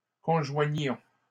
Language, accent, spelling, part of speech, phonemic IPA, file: French, Canada, conjoignions, verb, /kɔ̃.ʒwa.ɲjɔ̃/, LL-Q150 (fra)-conjoignions.wav
- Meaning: inflection of conjoindre: 1. first-person plural imperfect indicative 2. first-person plural present subjunctive